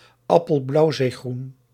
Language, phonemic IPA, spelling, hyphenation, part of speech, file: Dutch, /ɑ.pəl.blɑu̯.zeː.ɣrun/, appelblauwzeegroen, ap‧pel‧blauw‧zee‧groen, adjective, Nl-appelblauwzeegroen.ogg
- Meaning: blue green